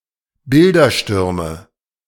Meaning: nominative/accusative/genitive plural of Bildersturm
- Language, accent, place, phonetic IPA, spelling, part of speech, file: German, Germany, Berlin, [ˈbɪldɐˌʃtʏʁmə], Bilderstürme, noun, De-Bilderstürme.ogg